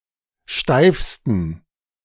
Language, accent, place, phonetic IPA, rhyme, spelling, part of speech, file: German, Germany, Berlin, [ˈʃtaɪ̯fstn̩], -aɪ̯fstn̩, steifsten, adjective, De-steifsten.ogg
- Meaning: 1. superlative degree of steif 2. inflection of steif: strong genitive masculine/neuter singular superlative degree